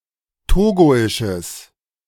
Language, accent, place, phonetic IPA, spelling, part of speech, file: German, Germany, Berlin, [ˈtoːɡoɪʃəs], togoisches, adjective, De-togoisches.ogg
- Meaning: strong/mixed nominative/accusative neuter singular of togoisch